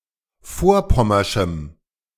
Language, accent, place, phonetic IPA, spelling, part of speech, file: German, Germany, Berlin, [ˈfoːɐ̯ˌpɔmɐʃm̩], vorpommerschem, adjective, De-vorpommerschem.ogg
- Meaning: strong dative masculine/neuter singular of vorpommersch